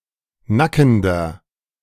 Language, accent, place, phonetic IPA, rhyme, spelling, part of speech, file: German, Germany, Berlin, [ˈnakn̩dɐ], -akn̩dɐ, nackender, adjective, De-nackender.ogg
- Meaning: inflection of nackend: 1. strong/mixed nominative masculine singular 2. strong genitive/dative feminine singular 3. strong genitive plural